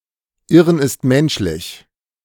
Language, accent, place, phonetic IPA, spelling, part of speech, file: German, Germany, Berlin, [ˈɪʁən ɪst ˈmɛnʃlɪç], Irren ist menschlich, phrase, De-Irren ist menschlich.ogg
- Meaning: to err is human